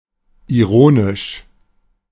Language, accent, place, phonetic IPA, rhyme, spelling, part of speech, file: German, Germany, Berlin, [iˈʁoːnɪʃ], -oːnɪʃ, ironisch, adjective, De-ironisch.ogg
- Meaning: ironic